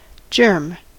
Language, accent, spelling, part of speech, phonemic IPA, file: English, US, germ, noun / verb, /d͡ʒɝm/, En-us-germ.ogg